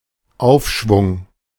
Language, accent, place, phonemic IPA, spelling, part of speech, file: German, Germany, Berlin, /ˈaʊ̯fʃvʊŋ/, Aufschwung, noun, De-Aufschwung.ogg
- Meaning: 1. stimulus 2. improvement 3. economic upswing, boom